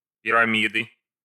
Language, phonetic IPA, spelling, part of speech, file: Russian, [pʲɪrɐˈmʲidɨ], пирамиды, noun, Ru-пирамиды.ogg
- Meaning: inflection of пирами́да (piramída): 1. genitive singular 2. nominative/accusative plural